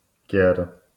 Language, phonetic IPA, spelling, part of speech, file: Polish, [cɛr], kier, noun / adjective, LL-Q809 (pol)-kier.wav